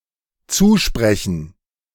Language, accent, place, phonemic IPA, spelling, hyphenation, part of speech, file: German, Germany, Berlin, /ˈt͡suːˌʃpʁɛçn̩/, zusprechen, zu‧spre‧chen, verb, De-zusprechen.ogg
- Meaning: 1. to grant 2. to comfort